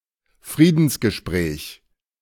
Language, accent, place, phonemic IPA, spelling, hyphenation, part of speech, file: German, Germany, Berlin, /ˈfʁiːdn̩sɡəˌʃpʁɛːç/, Friedensgespräch, Frie‧dens‧ge‧spräch, noun, De-Friedensgespräch.ogg
- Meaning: peace talk